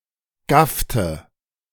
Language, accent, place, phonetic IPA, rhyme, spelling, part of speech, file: German, Germany, Berlin, [ˈɡaftə], -aftə, gaffte, verb, De-gaffte.ogg
- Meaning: inflection of gaffen: 1. first/third-person singular preterite 2. first/third-person singular subjunctive II